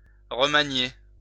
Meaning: 1. to reknead 2. to reuse 3. to reorganize 4. to revise 5. to reshuffle
- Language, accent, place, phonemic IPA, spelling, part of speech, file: French, France, Lyon, /ʁə.ma.nje/, remanier, verb, LL-Q150 (fra)-remanier.wav